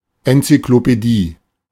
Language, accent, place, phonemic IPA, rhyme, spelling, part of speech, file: German, Germany, Berlin, /ɛnt͡syklopɛˈdiː/, -iː, Enzyklopädie, noun, De-Enzyklopädie.ogg
- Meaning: encyclopedia (comprehensive reference work with articles on a wide range of topics)